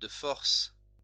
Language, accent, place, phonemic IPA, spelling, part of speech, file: French, France, Lyon, /də fɔʁs/, de force, adverb, LL-Q150 (fra)-de force.wav
- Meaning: by force, forcibly, against someone's will